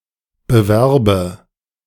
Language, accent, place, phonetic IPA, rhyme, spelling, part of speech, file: German, Germany, Berlin, [bəˈvɛʁbə], -ɛʁbə, bewerbe, verb, De-bewerbe.ogg
- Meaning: inflection of bewerben: 1. first-person singular present 2. first/third-person singular subjunctive I